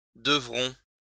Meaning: first-person plural future of devoir
- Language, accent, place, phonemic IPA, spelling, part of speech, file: French, France, Lyon, /də.vʁɔ̃/, devrons, verb, LL-Q150 (fra)-devrons.wav